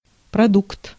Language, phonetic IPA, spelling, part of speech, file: Russian, [prɐˈdukt], продукт, noun, Ru-продукт.ogg
- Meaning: 1. product (produced by a process or action) 2. product (commodity for sale) 3. foods, edibles, produce